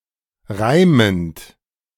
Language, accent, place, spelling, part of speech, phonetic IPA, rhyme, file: German, Germany, Berlin, reimend, verb, [ˈʁaɪ̯mənt], -aɪ̯mənt, De-reimend.ogg
- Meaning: present participle of reimen